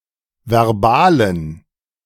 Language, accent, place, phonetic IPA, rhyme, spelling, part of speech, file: German, Germany, Berlin, [vɛʁˈbaːlən], -aːlən, verbalen, adjective, De-verbalen.ogg
- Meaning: inflection of verbal: 1. strong genitive masculine/neuter singular 2. weak/mixed genitive/dative all-gender singular 3. strong/weak/mixed accusative masculine singular 4. strong dative plural